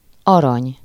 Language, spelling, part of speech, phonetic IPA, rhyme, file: Hungarian, arany, noun / adjective, [ˈɒrɒɲ], -ɒɲ, Hu-arany.ogg
- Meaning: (noun) 1. gold (elemental metal of great value) 2. gold (coin made of gold) 3. gold medal; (adjective) gold, golden (made of gold or having the colour of gold)